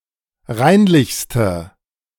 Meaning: inflection of reinlich: 1. strong/mixed nominative/accusative feminine singular superlative degree 2. strong nominative/accusative plural superlative degree
- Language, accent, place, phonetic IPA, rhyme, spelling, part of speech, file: German, Germany, Berlin, [ˈʁaɪ̯nlɪçstə], -aɪ̯nlɪçstə, reinlichste, adjective, De-reinlichste.ogg